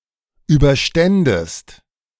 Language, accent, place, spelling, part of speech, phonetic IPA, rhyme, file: German, Germany, Berlin, überständest, verb, [ˌyːbɐˈʃtɛndəst], -ɛndəst, De-überständest.ogg
- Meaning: second-person singular subjunctive II of überstehen